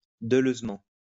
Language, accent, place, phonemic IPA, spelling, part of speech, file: French, France, Lyon, /də.løz.mɑ̃/, deleuzement, adverb, LL-Q150 (fra)-deleuzement.wav
- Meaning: Deleuzianly